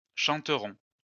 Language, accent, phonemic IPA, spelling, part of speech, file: French, France, /ʃɑ̃.tʁɔ̃/, chanteront, verb, LL-Q150 (fra)-chanteront.wav
- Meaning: third-person plural future of chanter